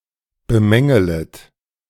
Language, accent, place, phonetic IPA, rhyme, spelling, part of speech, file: German, Germany, Berlin, [bəˈmɛŋələt], -ɛŋələt, bemängelet, verb, De-bemängelet.ogg
- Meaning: second-person plural subjunctive I of bemängeln